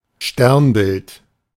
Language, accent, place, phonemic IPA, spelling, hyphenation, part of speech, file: German, Germany, Berlin, /ˈʃtɛʁnbɪlt/, Sternbild, Stern‧bild, noun, De-Sternbild.ogg
- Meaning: constellation (collection of stars)